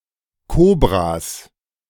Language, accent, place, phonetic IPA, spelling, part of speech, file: German, Germany, Berlin, [ˈkoːbʁas], Kobras, noun, De-Kobras.ogg
- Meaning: plural of Kobra